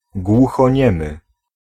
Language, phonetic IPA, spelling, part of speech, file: Polish, [ˌɡwuxɔ̃ˈɲɛ̃mɨ], głuchoniemy, adjective / noun, Pl-głuchoniemy.ogg